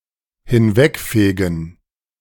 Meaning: to sweep away
- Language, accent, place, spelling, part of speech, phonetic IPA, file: German, Germany, Berlin, hinwegfegen, verb, [hɪnˈvɛkˌfeːɡn̩], De-hinwegfegen.ogg